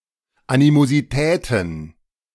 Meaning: plural of Animosität
- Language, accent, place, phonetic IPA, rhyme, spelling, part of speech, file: German, Germany, Berlin, [ˌanimoziˈtɛːtn̩], -ɛːtn̩, Animositäten, noun, De-Animositäten.ogg